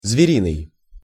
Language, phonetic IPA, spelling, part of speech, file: Russian, [zvʲɪˈrʲinɨj], звериный, adjective, Ru-звериный.ogg
- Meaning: 1. animal, feral 2. brutal, savage, wild, feral